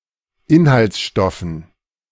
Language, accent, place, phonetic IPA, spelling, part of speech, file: German, Germany, Berlin, [ˈɪnhalt͡sˌʃtɔfn̩], Inhaltsstoffen, noun, De-Inhaltsstoffen.ogg
- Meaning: dative plural of Inhaltsstoff